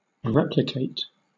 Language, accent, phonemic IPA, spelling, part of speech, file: English, Southern England, /ˈɹɛplɪkeɪt/, replicate, verb, LL-Q1860 (eng)-replicate.wav
- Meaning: 1. To make a copy (replica) of 2. To repeat (an experiment or trial) with a consistent result 3. To reply